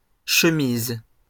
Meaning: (noun) plural of chemise; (verb) second-person singular present indicative/subjunctive of chemiser
- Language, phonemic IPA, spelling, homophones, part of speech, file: French, /ʃə.miz/, chemises, chemise / chemisent, noun / verb, LL-Q150 (fra)-chemises.wav